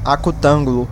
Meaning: acute-angled (having three acute angles)
- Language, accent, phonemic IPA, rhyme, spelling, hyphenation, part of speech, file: Portuguese, Brazil, /a.kuˈtɐ̃.ɡu.lu/, -ɐ̃ɡulu, acutângulo, a‧cu‧tân‧gu‧lo, adjective, Pt-br-acutângulo.ogg